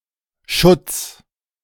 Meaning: genitive singular of Schutt
- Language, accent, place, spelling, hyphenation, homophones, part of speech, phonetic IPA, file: German, Germany, Berlin, Schutts, Schutts, Schutz, noun, [ʃʊt͡s], De-Schutts.ogg